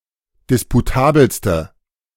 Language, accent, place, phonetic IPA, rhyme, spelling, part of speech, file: German, Germany, Berlin, [ˌdɪspuˈtaːbl̩stə], -aːbl̩stə, disputabelste, adjective, De-disputabelste.ogg
- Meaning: inflection of disputabel: 1. strong/mixed nominative/accusative feminine singular superlative degree 2. strong nominative/accusative plural superlative degree